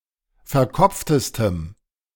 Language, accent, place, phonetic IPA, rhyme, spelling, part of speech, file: German, Germany, Berlin, [fɛɐ̯ˈkɔp͡ftəstəm], -ɔp͡ftəstəm, verkopftestem, adjective, De-verkopftestem.ogg
- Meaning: strong dative masculine/neuter singular superlative degree of verkopft